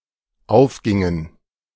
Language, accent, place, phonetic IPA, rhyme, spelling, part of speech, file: German, Germany, Berlin, [ˈaʊ̯fˌɡɪŋən], -aʊ̯fɡɪŋən, aufgingen, verb, De-aufgingen.ogg
- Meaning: inflection of aufgehen: 1. first/third-person plural dependent preterite 2. first/third-person plural dependent subjunctive II